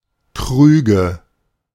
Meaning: nominative/accusative/genitive plural of Krug
- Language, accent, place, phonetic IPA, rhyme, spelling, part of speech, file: German, Germany, Berlin, [ˈkʁyːɡə], -yːɡə, Krüge, noun, De-Krüge.ogg